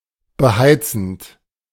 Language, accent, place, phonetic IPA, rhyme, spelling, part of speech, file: German, Germany, Berlin, [bəˈhaɪ̯t͡sn̩t], -aɪ̯t͡sn̩t, beheizend, verb, De-beheizend.ogg
- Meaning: present participle of beheizen